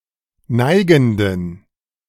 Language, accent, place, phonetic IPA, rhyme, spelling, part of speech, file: German, Germany, Berlin, [ˈnaɪ̯ɡn̩dən], -aɪ̯ɡn̩dən, neigenden, adjective, De-neigenden.ogg
- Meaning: inflection of neigend: 1. strong genitive masculine/neuter singular 2. weak/mixed genitive/dative all-gender singular 3. strong/weak/mixed accusative masculine singular 4. strong dative plural